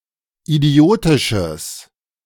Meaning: strong/mixed nominative/accusative neuter singular of idiotisch
- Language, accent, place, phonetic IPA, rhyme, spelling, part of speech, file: German, Germany, Berlin, [iˈdi̯oːtɪʃəs], -oːtɪʃəs, idiotisches, adjective, De-idiotisches.ogg